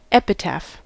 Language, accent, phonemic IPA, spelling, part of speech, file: English, US, /ˈɛp.ɪˌtæf/, epitaph, noun / verb, En-us-epitaph.ogg
- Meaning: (noun) 1. An inscription on a gravestone in memory of the deceased 2. A poem or other short text written in memory of a deceased person; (verb) To write or speak after the manner of an epitaph